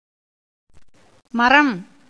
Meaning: 1. tree 2. wood, timber 3. ship or boat
- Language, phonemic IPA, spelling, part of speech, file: Tamil, /mɐɾɐm/, மரம், noun, Ta-மரம்.ogg